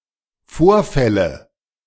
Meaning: nominative/accusative/genitive plural of Vorfall
- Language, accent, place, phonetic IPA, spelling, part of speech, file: German, Germany, Berlin, [ˈfoːɐ̯ˌfɛlə], Vorfälle, noun, De-Vorfälle.ogg